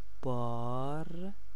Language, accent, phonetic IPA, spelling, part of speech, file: Persian, Iran, [bɒːɹ], بار, verb / noun, Fa-بار.ogg
- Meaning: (verb) present stem form of باریدن (bâridan, “to rain”); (noun) 1. burden, load, charge 2. pack, bale 3. baggage, luggage 4. responsibility, duty 5. sorrow, grief 6. sin, fault 7. fetus 8. fruit